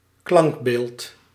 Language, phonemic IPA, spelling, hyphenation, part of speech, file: Dutch, /ˈklɑŋk.beːlt/, klankbeeld, klank‧beeld, noun, Nl-klankbeeld.ogg
- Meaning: 1. sound image (total spectrum of a sound or totality of the experience of a sound) 2. image used as a visual support in training or educating about speech sounds, e.g. in logopaedics